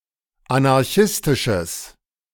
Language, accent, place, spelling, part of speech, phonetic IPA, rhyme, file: German, Germany, Berlin, anarchistisches, adjective, [anaʁˈçɪstɪʃəs], -ɪstɪʃəs, De-anarchistisches.ogg
- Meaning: strong/mixed nominative/accusative neuter singular of anarchistisch